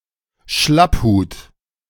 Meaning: 1. slouch hat 2. spy
- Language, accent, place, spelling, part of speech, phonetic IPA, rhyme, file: German, Germany, Berlin, Schlapphut, noun, [ˈʃlapˌhuːt], -aphuːt, De-Schlapphut.ogg